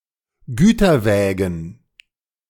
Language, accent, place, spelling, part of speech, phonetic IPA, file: German, Germany, Berlin, Güterwägen, noun, [ˈɡyːtɐˌvɛːɡn̩], De-Güterwägen.ogg
- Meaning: plural of Güterwagen